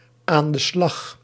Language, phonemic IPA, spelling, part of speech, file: Dutch, /ˌaːn də ˈslɑx/, aan de slag, prepositional phrase / interjection, Nl-aan de slag.ogg
- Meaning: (prepositional phrase) at work; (interjection) get to it!